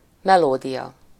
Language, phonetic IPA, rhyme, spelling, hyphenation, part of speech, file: Hungarian, [ˈmɛloːdijɒ], -jɒ, melódia, me‧ló‧dia, noun, Hu-melódia.ogg
- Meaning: melody (sequence of notes that makes up a musical phrase)